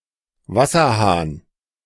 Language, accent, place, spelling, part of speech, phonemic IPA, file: German, Germany, Berlin, Wasserhahn, noun, /ˈvasɐˌhaːn/, De-Wasserhahn.ogg
- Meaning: tap, faucet (plumbing fitting), water tap